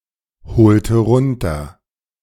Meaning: inflection of bezeichnend: 1. strong genitive masculine/neuter singular 2. weak/mixed genitive/dative all-gender singular 3. strong/weak/mixed accusative masculine singular 4. strong dative plural
- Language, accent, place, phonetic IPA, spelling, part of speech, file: German, Germany, Berlin, [bəˈt͡saɪ̯çnəndn̩], bezeichnenden, adjective, De-bezeichnenden.ogg